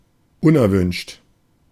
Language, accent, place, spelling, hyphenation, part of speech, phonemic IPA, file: German, Germany, Berlin, unerwünscht, un‧er‧wünscht, adjective, /ˈʊnʔɛʁˌvʏnʃt/, De-unerwünscht.ogg
- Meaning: undesirable, unwanted